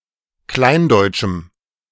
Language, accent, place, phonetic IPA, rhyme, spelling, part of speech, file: German, Germany, Berlin, [ˈklaɪ̯nˌdɔɪ̯t͡ʃm̩], -aɪ̯ndɔɪ̯t͡ʃm̩, kleindeutschem, adjective, De-kleindeutschem.ogg
- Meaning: strong dative masculine/neuter singular of kleindeutsch